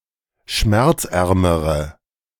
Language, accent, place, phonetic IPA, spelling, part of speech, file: German, Germany, Berlin, [ˈʃmɛʁt͡sˌʔɛʁməʁə], schmerzärmere, adjective, De-schmerzärmere.ogg
- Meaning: inflection of schmerzarm: 1. strong/mixed nominative/accusative feminine singular comparative degree 2. strong nominative/accusative plural comparative degree